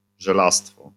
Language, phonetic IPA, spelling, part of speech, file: Polish, [ʒɛˈlastfɔ], żelastwo, noun, LL-Q809 (pol)-żelastwo.wav